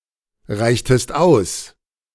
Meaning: inflection of ausreichen: 1. second-person singular preterite 2. second-person singular subjunctive II
- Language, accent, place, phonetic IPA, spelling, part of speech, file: German, Germany, Berlin, [ˌʁaɪ̯çtəst ˈaʊ̯s], reichtest aus, verb, De-reichtest aus.ogg